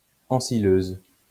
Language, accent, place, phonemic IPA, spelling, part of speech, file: French, France, Lyon, /ɑ̃.si.løz/, ensileuse, noun, LL-Q150 (fra)-ensileuse.wav
- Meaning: forage harvester